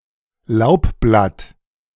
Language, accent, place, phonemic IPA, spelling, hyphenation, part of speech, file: German, Germany, Berlin, /ˈlaʊ̯pˌblat/, Laubblatt, Laub‧blatt, noun, De-Laubblatt.ogg
- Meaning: leaf (foliage leaf of deciduous plants (trees and shrubs))